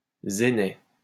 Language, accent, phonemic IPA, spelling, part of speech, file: French, France, /ze.nɛ/, zénaie, noun, LL-Q150 (fra)-zénaie.wav
- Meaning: a type of oak plantation